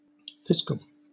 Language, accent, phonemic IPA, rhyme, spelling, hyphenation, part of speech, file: English, Southern England, /ˈfɪskəl/, -ɪskəl, fiscal, fis‧cal, adjective / noun, LL-Q1860 (eng)-fiscal.wav
- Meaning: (adjective) 1. Related to the treasury of a country, company, region or city, particularly to government spending and revenue 2. Pertaining to finance and money in general; financial